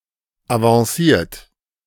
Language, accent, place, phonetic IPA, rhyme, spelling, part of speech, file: German, Germany, Berlin, [avɑ̃ˈsiːɐ̯t], -iːɐ̯t, avanciert, verb, De-avanciert.ogg
- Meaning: 1. past participle of avancieren 2. inflection of avancieren: third-person singular present 3. inflection of avancieren: second-person plural present 4. inflection of avancieren: plural imperative